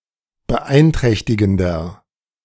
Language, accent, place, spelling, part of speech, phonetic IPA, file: German, Germany, Berlin, beeinträchtigender, adjective, [bəˈʔaɪ̯nˌtʁɛçtɪɡn̩dɐ], De-beeinträchtigender.ogg
- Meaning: 1. comparative degree of beeinträchtigend 2. inflection of beeinträchtigend: strong/mixed nominative masculine singular 3. inflection of beeinträchtigend: strong genitive/dative feminine singular